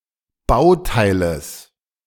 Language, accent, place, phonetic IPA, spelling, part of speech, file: German, Germany, Berlin, [ˈbaʊ̯ˌtaɪ̯ləs], Bauteiles, noun, De-Bauteiles.ogg
- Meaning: genitive singular of Bauteil